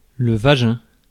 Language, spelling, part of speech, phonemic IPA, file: French, vagin, noun, /va.ʒɛ̃/, Fr-vagin.ogg
- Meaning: vagina